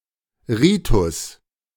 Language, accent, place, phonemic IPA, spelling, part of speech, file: German, Germany, Berlin, /ˈʁiːtʊs/, Ritus, noun, De-Ritus.ogg
- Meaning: 1. rite (religious custom) 2. rite (one of several canonical ways of celebrating mass)